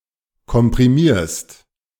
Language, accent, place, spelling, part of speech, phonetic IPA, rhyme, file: German, Germany, Berlin, komprimierst, verb, [kɔmpʁiˈmiːɐ̯st], -iːɐ̯st, De-komprimierst.ogg
- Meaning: second-person singular present of komprimieren